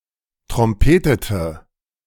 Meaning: inflection of trompeten: 1. first/third-person singular preterite 2. first/third-person singular subjunctive II
- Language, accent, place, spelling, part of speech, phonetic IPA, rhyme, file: German, Germany, Berlin, trompetete, adjective / verb, [tʁɔmˈpeːtətə], -eːtətə, De-trompetete.ogg